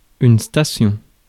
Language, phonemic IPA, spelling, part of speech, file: French, /sta.sjɔ̃/, station, noun, Fr-station.ogg
- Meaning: station